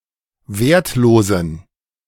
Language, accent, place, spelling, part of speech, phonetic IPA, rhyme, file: German, Germany, Berlin, wertlosen, adjective, [ˈveːɐ̯tˌloːzn̩], -eːɐ̯tloːzn̩, De-wertlosen.ogg
- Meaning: inflection of wertlos: 1. strong genitive masculine/neuter singular 2. weak/mixed genitive/dative all-gender singular 3. strong/weak/mixed accusative masculine singular 4. strong dative plural